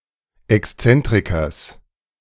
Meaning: genitive singular of Exzentriker
- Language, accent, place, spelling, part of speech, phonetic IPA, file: German, Germany, Berlin, Exzentrikers, noun, [ɛksˈt͡sɛntʁɪkɐs], De-Exzentrikers.ogg